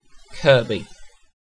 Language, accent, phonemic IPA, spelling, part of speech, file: English, UK, /ˈkɜːbi/, Kirkby, proper noun, En-uk-Kirkby.ogg
- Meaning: A placename: A town in the Metropolitan Borough of Knowsley, Merseyside, England (OS grid ref SJ4198)